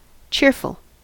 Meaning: 1. Noticeably happy and optimistic 2. Bright and pleasant
- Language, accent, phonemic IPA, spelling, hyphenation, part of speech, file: English, US, /ˈt͡ʃɪɹfl̩/, cheerful, cheer‧ful, adjective, En-us-cheerful.ogg